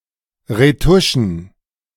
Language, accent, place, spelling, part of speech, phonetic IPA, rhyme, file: German, Germany, Berlin, Retuschen, noun, [ʁeˈtʊʃn̩], -ʊʃn̩, De-Retuschen.ogg
- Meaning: plural of Retusche